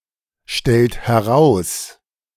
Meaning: inflection of herausstellen: 1. second-person plural present 2. third-person singular present 3. plural imperative
- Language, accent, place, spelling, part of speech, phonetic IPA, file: German, Germany, Berlin, stellt heraus, verb, [ˌʃtɛlt hɛˈʁaʊ̯s], De-stellt heraus.ogg